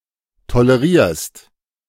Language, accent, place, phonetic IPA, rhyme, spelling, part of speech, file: German, Germany, Berlin, [toləˈʁiːɐ̯st], -iːɐ̯st, tolerierst, verb, De-tolerierst.ogg
- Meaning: second-person singular present of tolerieren